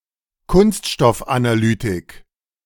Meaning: analysis of plastics
- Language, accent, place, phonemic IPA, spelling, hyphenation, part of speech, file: German, Germany, Berlin, /ˈkʊnstʃtɔfʔanaˌlyːtɪk/, Kunststoffanalytik, Kunst‧stoff‧ana‧ly‧tik, noun, De-Kunststoffanalytik.ogg